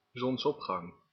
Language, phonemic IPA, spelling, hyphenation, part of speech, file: Dutch, /ˌzɔnsˈɔp.xɑŋ/, zonsopgang, zons‧op‧gang, noun, Nl-zonsopgang.ogg
- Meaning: sunrise